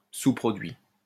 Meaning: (noun) by-product (side effect); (verb) 1. past participle of sous-produire 2. third-person singular present indicative of sous-produire
- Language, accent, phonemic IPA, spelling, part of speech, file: French, France, /su.pʁɔ.dɥi/, sous-produit, noun / verb, LL-Q150 (fra)-sous-produit.wav